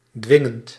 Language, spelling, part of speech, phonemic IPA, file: Dutch, dwingend, adjective / verb, /ˈdwɪŋənt/, Nl-dwingend.ogg
- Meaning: present participle of dwingen